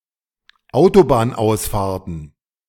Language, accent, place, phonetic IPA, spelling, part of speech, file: German, Germany, Berlin, [ˈaʊ̯tobaːnˌʔaʊ̯sfaːɐ̯tn̩], Autobahnausfahrten, noun, De-Autobahnausfahrten.ogg
- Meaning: plural of Autobahnausfahrt